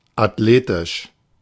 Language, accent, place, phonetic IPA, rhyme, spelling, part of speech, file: German, Germany, Berlin, [atˈleːtɪʃ], -eːtɪʃ, athletisch, adjective, De-athletisch.ogg
- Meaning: athletic